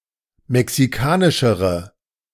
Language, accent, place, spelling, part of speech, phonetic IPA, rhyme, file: German, Germany, Berlin, mexikanischere, adjective, [mɛksiˈkaːnɪʃəʁə], -aːnɪʃəʁə, De-mexikanischere.ogg
- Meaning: inflection of mexikanisch: 1. strong/mixed nominative/accusative feminine singular comparative degree 2. strong nominative/accusative plural comparative degree